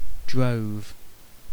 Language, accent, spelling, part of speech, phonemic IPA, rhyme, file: English, UK, drove, noun / verb, /dɹəʊv/, -əʊv, En-uk-drove.ogg